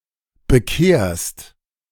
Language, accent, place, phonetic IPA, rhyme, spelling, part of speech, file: German, Germany, Berlin, [bəˈkeːɐ̯st], -eːɐ̯st, bekehrst, verb, De-bekehrst.ogg
- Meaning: second-person singular present of bekehren